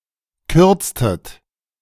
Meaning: inflection of kürzen: 1. second-person plural preterite 2. second-person plural subjunctive II
- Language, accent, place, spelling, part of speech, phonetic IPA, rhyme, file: German, Germany, Berlin, kürztet, verb, [ˈkʏʁt͡stət], -ʏʁt͡stət, De-kürztet.ogg